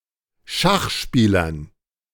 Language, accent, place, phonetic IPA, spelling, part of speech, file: German, Germany, Berlin, [ˈʃaxˌʃpiːlɐn], Schachspielern, noun, De-Schachspielern.ogg
- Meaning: dative plural of Schachspieler